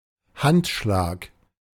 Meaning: handshake
- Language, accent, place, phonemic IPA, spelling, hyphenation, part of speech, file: German, Germany, Berlin, /ˈhantˌʃlaːk/, Handschlag, Hand‧schlag, noun, De-Handschlag.ogg